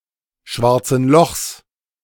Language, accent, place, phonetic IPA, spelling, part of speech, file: German, Germany, Berlin, [ˈʃvaʁt͡sn̩ lɔxs], schwarzen Lochs, noun, De-schwarzen Lochs.ogg
- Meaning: genitive singular of schwarzes Loch